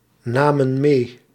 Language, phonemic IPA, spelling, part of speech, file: Dutch, /ˈnamə(n) ˈme/, namen mee, verb, Nl-namen mee.ogg
- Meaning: inflection of meenemen: 1. plural past indicative 2. plural past subjunctive